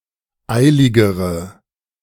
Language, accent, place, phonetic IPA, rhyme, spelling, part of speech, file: German, Germany, Berlin, [ˈaɪ̯lɪɡəʁə], -aɪ̯lɪɡəʁə, eiligere, adjective, De-eiligere.ogg
- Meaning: inflection of eilig: 1. strong/mixed nominative/accusative feminine singular comparative degree 2. strong nominative/accusative plural comparative degree